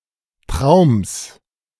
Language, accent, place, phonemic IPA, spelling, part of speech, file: German, Germany, Berlin, /tʁaʊ̯ms/, Traums, noun, De-Traums.ogg
- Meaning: genitive singular of Traum